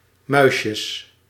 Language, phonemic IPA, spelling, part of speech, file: Dutch, /ˈmœʏʃjəs/, muisjes, noun, Nl-muisjes.ogg
- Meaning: 1. plural of muisje 2. sprinkles of aniseed covered with sugar, commonly used as sandwich topping in the Netherlands